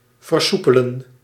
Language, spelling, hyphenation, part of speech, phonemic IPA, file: Dutch, versoepelen, ver‧soe‧pe‧len, verb, /vərˈsu.pə.lə(n)/, Nl-versoepelen.ogg
- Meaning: 1. to become more flexible, to relax 2. to make more flexible, to relax